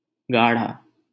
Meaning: 1. thick, dense, viscous 2. deep, dark (of a colour)
- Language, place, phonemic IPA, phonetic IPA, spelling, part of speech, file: Hindi, Delhi, /ɡɑː.ɽʱɑː/, [ɡäː.ɽʱäː], गाढ़ा, adjective, LL-Q1568 (hin)-गाढ़ा.wav